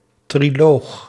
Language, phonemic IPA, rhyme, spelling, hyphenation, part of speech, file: Dutch, /triˈloːx/, -oːx, triloog, tri‧loog, noun, Nl-triloog.ogg
- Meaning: alternative form of trialoog